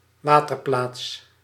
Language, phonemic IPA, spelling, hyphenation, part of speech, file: Dutch, /ˈwatərˌplats/, waterplaats, wa‧ter‧plaats, noun, Nl-waterplaats.ogg
- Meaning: 1. urinal 2. drinking fountain, waterhole (an open storage where drinking water is kept)